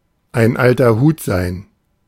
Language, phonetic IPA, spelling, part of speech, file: German, [aɪ̯n ˈaltɐ huːt zaɪ̯n], ein alter Hut sein, phrase, De-ein alter Hut sein.ogg